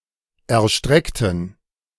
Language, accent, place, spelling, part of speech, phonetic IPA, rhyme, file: German, Germany, Berlin, erstreckten, adjective / verb, [ɛɐ̯ˈʃtʁɛktn̩], -ɛktn̩, De-erstreckten.ogg
- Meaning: inflection of erstrecken: 1. first/third-person plural preterite 2. first/third-person plural subjunctive II